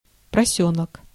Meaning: country road/track, dirt road
- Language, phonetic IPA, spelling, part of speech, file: Russian, [prɐˈsʲɵɫək], просёлок, noun, Ru-просёлок.ogg